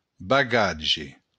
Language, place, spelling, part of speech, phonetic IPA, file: Occitan, Béarn, bagatge, noun, [baˈɣad͡ʒe], LL-Q14185 (oci)-bagatge.wav
- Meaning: baggage, luggage